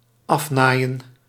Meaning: to complete sewing
- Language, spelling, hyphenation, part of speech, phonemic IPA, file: Dutch, afnaaien, af‧naai‧en, verb, /ˈɑfˌnaːi̯ə(n)/, Nl-afnaaien.ogg